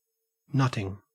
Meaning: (verb) present participle and gerund of nut; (noun) 1. An outing to gather nuts 2. Gaining favor or subjugating oneself 3. Thinking very hard or puzzling over something
- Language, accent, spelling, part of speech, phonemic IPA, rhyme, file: English, Australia, nutting, verb / noun, /ˈnʌtɪŋ/, -ʌtɪŋ, En-au-nutting.ogg